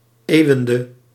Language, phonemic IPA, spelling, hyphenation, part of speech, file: Dutch, /ˈeːu̯ˌʋɛn.də/, eeuwwende, eeuw‧wen‧de, noun, Nl-eeuwwende.ogg
- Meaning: the turn of a century, when its 100 years end and it gives way to the next